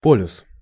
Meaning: 1. pole (either of the two points on the earth's surface around which it rotates) 2. pole (a certain type of singularity of a complex-valued function of a complex variable)
- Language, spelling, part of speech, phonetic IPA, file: Russian, полюс, noun, [ˈpolʲʊs], Ru-полюс.ogg